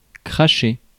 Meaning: to spit
- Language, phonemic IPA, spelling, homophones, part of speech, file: French, /kʁa.ʃe/, cracher, crasher, verb, Fr-cracher.ogg